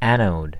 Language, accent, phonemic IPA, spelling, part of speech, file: English, US, /ˈæn.oʊd/, anode, noun, En-us-anode.ogg